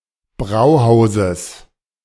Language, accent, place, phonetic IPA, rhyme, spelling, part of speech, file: German, Germany, Berlin, [ˈbʁaʊ̯ˌhaʊ̯zəs], -aʊ̯haʊ̯zəs, Brauhauses, noun, De-Brauhauses.ogg
- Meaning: genitive singular of Brauhaus